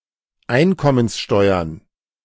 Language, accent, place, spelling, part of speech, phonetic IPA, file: German, Germany, Berlin, Einkommenssteuern, noun, [ˈaɪ̯nkɔmənsˌʃtɔɪ̯ɐn], De-Einkommenssteuern.ogg
- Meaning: plural of Einkommenssteuer